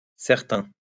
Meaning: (adjective) plural of certain; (pronoun) plural of certain: some, some people
- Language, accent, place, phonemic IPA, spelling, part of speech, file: French, France, Lyon, /sɛʁ.tɛ̃/, certains, adjective / pronoun, LL-Q150 (fra)-certains.wav